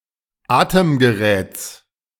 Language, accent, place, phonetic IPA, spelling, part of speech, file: German, Germany, Berlin, [ˈaːtəmɡəˌʁɛːt͡s], Atemgeräts, noun, De-Atemgeräts.ogg
- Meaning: genitive singular of Atemgerät